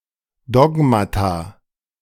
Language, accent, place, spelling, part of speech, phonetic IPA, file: German, Germany, Berlin, Dogmata, noun, [ˈdɔɡmata], De-Dogmata.ogg
- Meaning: plural of Dogma